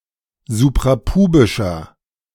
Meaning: inflection of suprapubisch: 1. strong/mixed nominative masculine singular 2. strong genitive/dative feminine singular 3. strong genitive plural
- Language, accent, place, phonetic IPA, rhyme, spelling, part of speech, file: German, Germany, Berlin, [zupʁaˈpuːbɪʃɐ], -uːbɪʃɐ, suprapubischer, adjective, De-suprapubischer.ogg